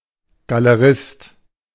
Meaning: gallerist
- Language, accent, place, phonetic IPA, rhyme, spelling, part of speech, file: German, Germany, Berlin, [ɡaləˈʁɪst], -ɪst, Galerist, noun, De-Galerist.ogg